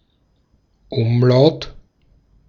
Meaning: 1. umlaut 2. one of the German letters ä, ö, ü (capital letters: Ä, Ö, Ü) and the diphthong äu (capital: Äu) produced by placing the diacritical mark (◌̈) over the vowels a, o, and u
- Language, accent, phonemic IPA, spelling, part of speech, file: German, Austria, /ˈʊmˌlaʊ̯t/, Umlaut, noun, De-at-Umlaut.ogg